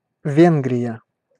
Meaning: Hungary (a country in Central Europe)
- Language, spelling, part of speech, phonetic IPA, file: Russian, Венгрия, proper noun, [ˈvʲenɡrʲɪjə], Ru-Венгрия.ogg